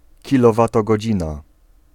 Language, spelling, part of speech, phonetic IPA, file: Polish, kilowatogodzina, noun, [ˌcilɔvatɔɡɔˈd͡ʑĩna], Pl-kilowatogodzina.ogg